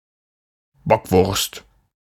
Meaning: a sausage made from ground veal flavoured with parsley and chives
- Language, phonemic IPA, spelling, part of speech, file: German, /ˈbɔkˌvʊʁst/, Bockwurst, noun, De-Bockwurst.ogg